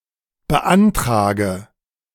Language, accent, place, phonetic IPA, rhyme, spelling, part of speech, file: German, Germany, Berlin, [bəˈʔantʁaːɡə], -antʁaːɡə, beantrage, verb, De-beantrage.ogg
- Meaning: inflection of beantragen: 1. first-person singular present 2. first/third-person singular subjunctive I 3. singular imperative